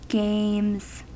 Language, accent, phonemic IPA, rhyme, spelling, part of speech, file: English, US, /ɡeɪmz/, -eɪmz, games, noun / verb, En-us-games.ogg
- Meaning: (noun) plural of game; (verb) third-person singular simple present indicative of game